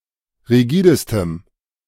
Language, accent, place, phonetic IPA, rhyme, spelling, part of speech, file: German, Germany, Berlin, [ʁiˈɡiːdəstəm], -iːdəstəm, rigidestem, adjective, De-rigidestem.ogg
- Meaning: strong dative masculine/neuter singular superlative degree of rigide